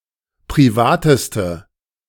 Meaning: inflection of privat: 1. strong/mixed nominative/accusative feminine singular superlative degree 2. strong nominative/accusative plural superlative degree
- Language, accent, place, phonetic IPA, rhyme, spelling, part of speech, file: German, Germany, Berlin, [pʁiˈvaːtəstə], -aːtəstə, privateste, adjective, De-privateste.ogg